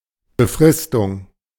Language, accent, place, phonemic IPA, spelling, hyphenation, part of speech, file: German, Germany, Berlin, /bəˈfʁɪstʊŋ/, Befristung, Be‧fris‧tung, noun, De-Befristung.ogg
- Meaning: time limitation